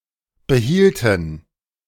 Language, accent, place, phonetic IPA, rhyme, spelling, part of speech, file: German, Germany, Berlin, [bəˈhiːltn̩], -iːltn̩, behielten, verb, De-behielten.ogg
- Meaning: inflection of behalten: 1. first/third-person plural preterite 2. first/third-person plural subjunctive II